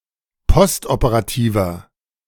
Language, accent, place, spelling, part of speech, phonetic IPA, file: German, Germany, Berlin, postoperativer, adjective, [ˈpɔstʔopəʁaˌtiːvɐ], De-postoperativer.ogg
- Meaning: inflection of postoperativ: 1. strong/mixed nominative masculine singular 2. strong genitive/dative feminine singular 3. strong genitive plural